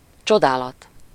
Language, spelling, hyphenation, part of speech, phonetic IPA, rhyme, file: Hungarian, csodálat, cso‧dá‧lat, noun, [ˈt͡ʃodaːlɒt], -ɒt, Hu-csodálat.ogg
- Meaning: admiration, wonder, marvel